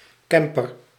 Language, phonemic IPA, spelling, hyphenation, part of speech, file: Dutch, /ˈkɛm.pər/, camper, cam‧per, noun, Nl-camper.ogg
- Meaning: a camper (recreational vehicle), a motor home